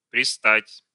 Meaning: 1. to stick, to adhere 2. to bother, to pester
- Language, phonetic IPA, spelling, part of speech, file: Russian, [prʲɪˈstatʲ], пристать, verb, Ru-пристать.ogg